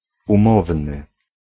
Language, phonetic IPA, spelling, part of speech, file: Polish, [ũˈmɔvnɨ], umowny, adjective, Pl-umowny.ogg